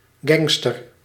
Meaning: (noun) gangster; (adjective) cool, awesome
- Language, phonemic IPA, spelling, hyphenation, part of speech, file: Dutch, /ˈɡɛŋ.stər/, gangster, gang‧ster, noun / adjective, Nl-gangster.ogg